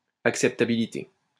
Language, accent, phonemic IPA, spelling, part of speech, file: French, France, /ak.sɛp.ta.bi.li.te/, acceptabilité, noun, LL-Q150 (fra)-acceptabilité.wav
- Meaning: acceptability